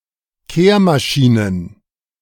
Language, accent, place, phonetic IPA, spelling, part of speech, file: German, Germany, Berlin, [ˈkeːɐ̯maˌʃiːnən], Kehrmaschinen, noun, De-Kehrmaschinen.ogg
- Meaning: plural of Kehrmaschine